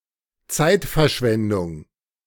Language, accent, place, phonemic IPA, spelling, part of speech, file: German, Germany, Berlin, /ˈtsaɪ̯tfɐˌʃvɛndʊŋ/, Zeitverschwendung, noun, De-Zeitverschwendung.ogg
- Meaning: waste of time (meaningless or fruitless activity)